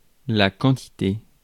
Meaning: quantity
- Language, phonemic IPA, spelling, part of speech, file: French, /kɑ̃.ti.te/, quantité, noun, Fr-quantité.ogg